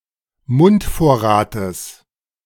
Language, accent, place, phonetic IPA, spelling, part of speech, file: German, Germany, Berlin, [ˈmʊntˌfoːɐ̯ʁaːtəs], Mundvorrates, noun, De-Mundvorrates.ogg
- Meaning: genitive of Mundvorrat